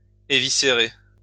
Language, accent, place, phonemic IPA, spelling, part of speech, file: French, France, Lyon, /e.vi.se.ʁe/, éviscérer, verb, LL-Q150 (fra)-éviscérer.wav
- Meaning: to eviscerate